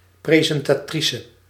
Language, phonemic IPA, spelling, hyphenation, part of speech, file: Dutch, /ˌprezɛntaˈtrisə/, presentatrice, pre‧sen‧ta‧tri‧ce, noun, Nl-presentatrice.ogg
- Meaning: 1. presenter, master of ceremonies, emcee, compere, host 2. presenter, bearer